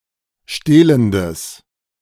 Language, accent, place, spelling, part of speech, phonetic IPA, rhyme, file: German, Germany, Berlin, stehlendes, adjective, [ˈʃteːləndəs], -eːləndəs, De-stehlendes.ogg
- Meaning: strong/mixed nominative/accusative neuter singular of stehlend